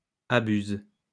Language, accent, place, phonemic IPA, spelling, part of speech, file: French, France, Lyon, /a.byz/, abuse, verb, LL-Q150 (fra)-abuse.wav
- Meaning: inflection of abuser: 1. first/third-person singular present indicative/subjunctive 2. second-person singular imperative